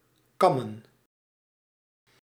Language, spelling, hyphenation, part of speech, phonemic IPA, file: Dutch, kammen, kam‧men, verb / noun, /kɑ.mə(n)/, Nl-kammen.ogg
- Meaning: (verb) 1. to comb (use a comb to groom hair, fur etc.) 2. to use any other comb, even mechanically; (noun) plural of kam